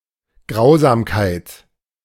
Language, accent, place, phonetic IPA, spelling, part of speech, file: German, Germany, Berlin, [ˈɡʁaʊ̯zaːmkaɪ̯t], Grausamkeit, noun, De-Grausamkeit.ogg
- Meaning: 1. cruelty 2. savageness